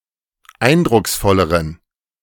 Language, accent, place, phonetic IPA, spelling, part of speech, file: German, Germany, Berlin, [ˈaɪ̯ndʁʊksˌfɔləʁən], eindrucksvolleren, adjective, De-eindrucksvolleren.ogg
- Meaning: inflection of eindrucksvoll: 1. strong genitive masculine/neuter singular comparative degree 2. weak/mixed genitive/dative all-gender singular comparative degree